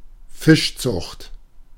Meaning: 1. fish farming 2. fish farm
- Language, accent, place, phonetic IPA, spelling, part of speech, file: German, Germany, Berlin, [ˈfɪʃˌt͡sʊxt], Fischzucht, noun, De-Fischzucht.ogg